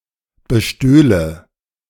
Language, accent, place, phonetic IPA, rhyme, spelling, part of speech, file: German, Germany, Berlin, [bəˈʃtøːlə], -øːlə, bestöhle, verb, De-bestöhle.ogg
- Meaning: first/third-person singular subjunctive II of bestehlen